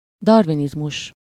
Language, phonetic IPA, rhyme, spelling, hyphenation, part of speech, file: Hungarian, [ˈdɒrvinizmuʃ], -uʃ, darwinizmus, dar‧wi‧niz‧mus, noun, Hu-darwinizmus.ogg
- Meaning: Darwinism (the principles of natural selection)